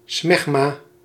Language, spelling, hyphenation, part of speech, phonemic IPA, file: Dutch, smegma, smeg‧ma, noun, /ˈsmɛx.maː/, Nl-smegma.ogg
- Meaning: smegma